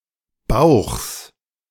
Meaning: genitive singular of Bauch
- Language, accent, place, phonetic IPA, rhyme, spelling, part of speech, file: German, Germany, Berlin, [baʊ̯xs], -aʊ̯xs, Bauchs, noun, De-Bauchs.ogg